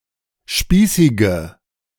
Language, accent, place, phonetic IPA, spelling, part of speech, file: German, Germany, Berlin, [ˈʃpiːsɪɡə], spießige, adjective, De-spießige.ogg
- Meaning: inflection of spießig: 1. strong/mixed nominative/accusative feminine singular 2. strong nominative/accusative plural 3. weak nominative all-gender singular 4. weak accusative feminine/neuter singular